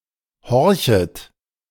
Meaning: second-person plural subjunctive I of horchen
- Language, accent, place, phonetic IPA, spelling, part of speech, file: German, Germany, Berlin, [ˈhɔʁçət], horchet, verb, De-horchet.ogg